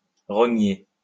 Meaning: to trim, to snip, to cut, to crop (a picture)
- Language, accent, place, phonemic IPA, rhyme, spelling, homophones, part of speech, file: French, France, Lyon, /ʁɔ.ɲe/, -e, rogner, rogné / rognée / rognés, verb, LL-Q150 (fra)-rogner.wav